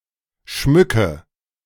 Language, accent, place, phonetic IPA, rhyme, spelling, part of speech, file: German, Germany, Berlin, [ˈʃmʏkə], -ʏkə, schmücke, verb, De-schmücke.ogg
- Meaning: inflection of schmücken: 1. first-person singular present 2. first/third-person singular subjunctive I 3. singular imperative